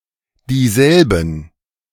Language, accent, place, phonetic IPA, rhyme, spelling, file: German, Germany, Berlin, [diːˈzɛlbn̩], -ɛlbn̩, dieselben, De-dieselben.ogg
- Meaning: 1. nominative plural of derselbe 2. accusative plural of derselbe